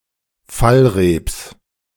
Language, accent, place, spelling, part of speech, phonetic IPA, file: German, Germany, Berlin, Fallreeps, noun, [ˈfalʁeːps], De-Fallreeps.ogg
- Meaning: genitive of Fallreep